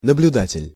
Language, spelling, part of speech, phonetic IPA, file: Russian, наблюдатель, noun, [nəblʲʊˈdatʲɪlʲ], Ru-наблюдатель.ogg
- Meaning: 1. observer 2. election monitor